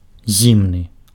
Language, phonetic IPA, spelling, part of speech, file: Belarusian, [ˈzʲimnɨ], зімны, adjective, Be-зімны.ogg
- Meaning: cold, wintry, hibernal